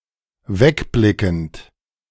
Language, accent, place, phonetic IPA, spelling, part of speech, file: German, Germany, Berlin, [ˈvɛkˌblɪkn̩t], wegblickend, verb, De-wegblickend.ogg
- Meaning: present participle of wegblicken